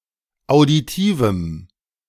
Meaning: strong dative masculine/neuter singular of auditiv
- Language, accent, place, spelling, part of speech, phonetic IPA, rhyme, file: German, Germany, Berlin, auditivem, adjective, [aʊ̯diˈtiːvm̩], -iːvm̩, De-auditivem.ogg